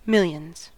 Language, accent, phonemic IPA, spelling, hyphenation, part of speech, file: English, US, /ˈmɪljənz/, millions, mil‧lions, numeral, En-us-millions.ogg
- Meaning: plural of million